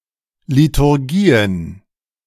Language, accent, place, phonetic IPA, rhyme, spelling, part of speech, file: German, Germany, Berlin, [litʊʁˈɡiːən], -iːən, Liturgien, noun, De-Liturgien.ogg
- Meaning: plural of Liturgie